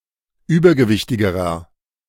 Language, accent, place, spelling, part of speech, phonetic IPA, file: German, Germany, Berlin, übergewichtigerer, adjective, [ˈyːbɐɡəˌvɪçtɪɡəʁɐ], De-übergewichtigerer.ogg
- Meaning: inflection of übergewichtig: 1. strong/mixed nominative masculine singular comparative degree 2. strong genitive/dative feminine singular comparative degree